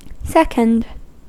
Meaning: Abbreviation of second
- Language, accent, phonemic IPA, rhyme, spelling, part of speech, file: English, US, /ˈsɛkənd/, -ɛkənd, 2nd, adjective, En-us-2nd.ogg